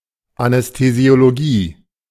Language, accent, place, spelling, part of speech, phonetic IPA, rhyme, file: German, Germany, Berlin, Anästhesiologie, noun, [anɛstezi̯oloˈɡiː], -iː, De-Anästhesiologie.ogg
- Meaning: anesthesiology